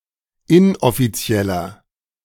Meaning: 1. comparative degree of inoffiziell 2. inflection of inoffiziell: strong/mixed nominative masculine singular 3. inflection of inoffiziell: strong genitive/dative feminine singular
- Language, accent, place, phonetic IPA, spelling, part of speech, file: German, Germany, Berlin, [ˈɪnʔɔfiˌt͡si̯ɛlɐ], inoffizieller, adjective, De-inoffizieller.ogg